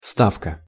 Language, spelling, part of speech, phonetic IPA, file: Russian, ставка, noun, [ˈstafkə], Ru-ставка.ogg
- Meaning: 1. bet, wager 2. rate, wage, salary 3. stake 4. headquarters